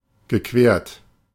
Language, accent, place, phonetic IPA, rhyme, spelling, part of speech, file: German, Germany, Berlin, [ɡəˈkveːɐ̯t], -eːɐ̯t, gequert, verb, De-gequert.ogg
- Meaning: past participle of queren